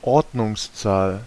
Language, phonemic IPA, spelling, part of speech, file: German, /ˈɔʁdnʊŋsˌt͡saːl/, Ordnungszahl, noun, De-Ordnungszahl.ogg
- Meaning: 1. ordinal, ordinal number 2. atomic number